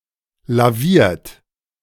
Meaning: 1. past participle of lavieren 2. inflection of lavieren: second-person plural present 3. inflection of lavieren: third-person singular present 4. inflection of lavieren: plural imperative
- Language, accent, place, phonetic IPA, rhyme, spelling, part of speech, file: German, Germany, Berlin, [laˈviːɐ̯t], -iːɐ̯t, laviert, verb, De-laviert.ogg